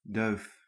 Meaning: 1. a pigeon, dove, bird of the family Columbidae 2. a female dove or pigeon 3. a dove, someone with dovish political views or inclinations
- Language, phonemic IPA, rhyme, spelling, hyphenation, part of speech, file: Dutch, /dœy̯f/, -œy̯f, duif, duif, noun, Nl-duif.ogg